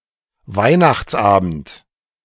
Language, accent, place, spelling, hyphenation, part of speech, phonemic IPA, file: German, Germany, Berlin, Weihnachtsabend, Weih‧nachts‧abend, noun, /ˈvaɪ̯naxtsˌʔaːbənt/, De-Weihnachtsabend.ogg
- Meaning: Christmas Eve